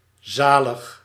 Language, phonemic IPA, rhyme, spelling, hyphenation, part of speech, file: Dutch, /ˈzaː.ləx/, -aːləx, zalig, za‧lig, adjective / verb, Nl-zalig.ogg
- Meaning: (adjective) 1. glorious 2. blessed 3. saved 4. beatified; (verb) inflection of zaligen: 1. first-person singular present indicative 2. second-person singular present indicative 3. imperative